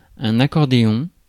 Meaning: accordion
- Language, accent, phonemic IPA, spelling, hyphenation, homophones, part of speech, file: French, France, /a.kɔʁ.de.ɔ̃/, accordéon, ac‧cor‧dé‧on, accordéons, noun, Fr-accordéon.ogg